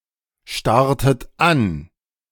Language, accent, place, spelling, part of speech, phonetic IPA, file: German, Germany, Berlin, starrtet an, verb, [ˌʃtaʁtət ˈan], De-starrtet an.ogg
- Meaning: inflection of anstarren: 1. second-person plural preterite 2. second-person plural subjunctive II